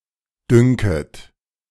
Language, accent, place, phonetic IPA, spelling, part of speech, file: German, Germany, Berlin, [ˈdʏŋkət], dünket, verb, De-dünket.ogg
- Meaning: second-person plural subjunctive I of dünken